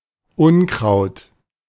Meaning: weed, weeds (unwanted plants)
- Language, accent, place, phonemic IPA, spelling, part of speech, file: German, Germany, Berlin, /ˈʊnkʁaʊ̯t/, Unkraut, noun, De-Unkraut.ogg